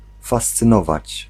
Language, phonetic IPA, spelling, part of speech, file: Polish, [ˌfast͡sɨ̃ˈnɔvat͡ɕ], fascynować, verb, Pl-fascynować.ogg